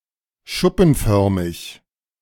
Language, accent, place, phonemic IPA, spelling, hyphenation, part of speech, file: German, Germany, Berlin, /ˈʃʊpn̩ˌfœʁmɪç/, schuppenförmig, schup‧pen‧för‧mig, adjective, De-schuppenförmig.ogg
- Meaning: squamiform; scaly, imbricate, squamous